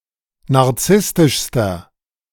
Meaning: inflection of narzisstisch: 1. strong/mixed nominative masculine singular superlative degree 2. strong genitive/dative feminine singular superlative degree 3. strong genitive plural superlative degree
- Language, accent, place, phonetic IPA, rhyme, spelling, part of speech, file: German, Germany, Berlin, [naʁˈt͡sɪstɪʃstɐ], -ɪstɪʃstɐ, narzisstischster, adjective, De-narzisstischster.ogg